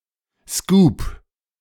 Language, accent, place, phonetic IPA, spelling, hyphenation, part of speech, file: German, Germany, Berlin, [skuːp], Scoop, Scoop, noun, De-Scoop.ogg
- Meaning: scoop